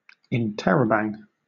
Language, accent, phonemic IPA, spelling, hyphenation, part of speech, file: English, Southern England, /ɪnˈtɛ.ɹəʊˌbæŋ/, interrobang, in‧ter‧ro‧bang, noun / verb, LL-Q1860 (eng)-interrobang.wav